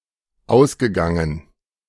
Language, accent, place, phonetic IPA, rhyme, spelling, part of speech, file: German, Germany, Berlin, [ˈaʊ̯sɡəˌɡaŋən], -aʊ̯sɡəɡaŋən, ausgegangen, verb, De-ausgegangen.ogg
- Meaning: past participle of ausgehen